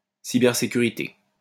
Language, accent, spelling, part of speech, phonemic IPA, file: French, France, cybersécurité, noun, /si.bɛʁ.se.ky.ʁi.te/, LL-Q150 (fra)-cybersécurité.wav
- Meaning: cybersecurity